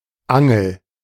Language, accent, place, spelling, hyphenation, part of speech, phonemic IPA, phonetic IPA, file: German, Germany, Berlin, Angel, An‧gel, noun, /ˈaŋəl/, [ˈʔa.ŋl̩], De-Angel.ogg
- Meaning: 1. tackle, fishing rod (angler's tool consisting of hook (Haken), line (Schnur), and rod (Rute)) 2. fishhook 3. hinge (a jointed or flexible device that allows the pivoting of a door, window, etc.)